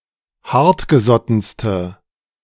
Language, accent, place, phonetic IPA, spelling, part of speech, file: German, Germany, Berlin, [ˈhaʁtɡəˌzɔtn̩stə], hartgesottenste, adjective, De-hartgesottenste.ogg
- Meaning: inflection of hartgesotten: 1. strong/mixed nominative/accusative feminine singular superlative degree 2. strong nominative/accusative plural superlative degree